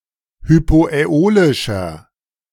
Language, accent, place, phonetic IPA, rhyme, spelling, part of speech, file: German, Germany, Berlin, [hypoʔɛˈoːlɪʃɐ], -oːlɪʃɐ, hypoäolischer, adjective, De-hypoäolischer.ogg
- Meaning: inflection of hypoäolisch: 1. strong/mixed nominative masculine singular 2. strong genitive/dative feminine singular 3. strong genitive plural